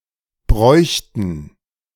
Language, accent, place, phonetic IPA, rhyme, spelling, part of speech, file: German, Germany, Berlin, [ˈbʁɔɪ̯çtn̩], -ɔɪ̯çtn̩, bräuchten, verb, De-bräuchten.ogg
- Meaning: first/third-person plural subjunctive II of brauchen